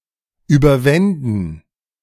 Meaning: first/third-person plural subjunctive II of überwinden
- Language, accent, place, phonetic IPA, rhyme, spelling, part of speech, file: German, Germany, Berlin, [ˌyːbɐˈvɛndn̩], -ɛndn̩, überwänden, verb, De-überwänden.ogg